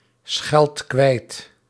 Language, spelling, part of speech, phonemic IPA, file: Dutch, scheld kwijt, verb, /ˈsxɛlt ˈkwɛit/, Nl-scheld kwijt.ogg
- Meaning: inflection of kwijtschelden: 1. first-person singular present indicative 2. second-person singular present indicative 3. imperative